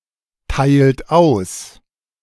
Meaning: inflection of austeilen: 1. second-person plural present 2. third-person singular present 3. plural imperative
- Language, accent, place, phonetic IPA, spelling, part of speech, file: German, Germany, Berlin, [ˌtaɪ̯lt ˈaʊ̯s], teilt aus, verb, De-teilt aus.ogg